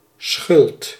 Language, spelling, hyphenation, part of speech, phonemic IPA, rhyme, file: Dutch, schuld, schuld, noun, /sxʏlt/, -ʏlt, Nl-schuld.ogg
- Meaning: 1. debt, account payable 2. any obligor’s duty to perform 3. blame, fault (responsibility for a mishap or mistake) 4. guilt, culpability 5. guilt; fault (condition of moral deficiency)